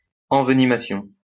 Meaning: envenomation
- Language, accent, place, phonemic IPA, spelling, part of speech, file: French, France, Lyon, /ɑ̃v.ni.ma.sjɔ̃/, envenimation, noun, LL-Q150 (fra)-envenimation.wav